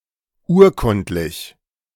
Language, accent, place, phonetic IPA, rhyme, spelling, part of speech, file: German, Germany, Berlin, [ˈuːɐ̯ˌkʊntlɪç], -uːɐ̯kʊntlɪç, urkundlich, adjective, De-urkundlich.ogg
- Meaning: document, deed; documented, documentary (related to a document or deed)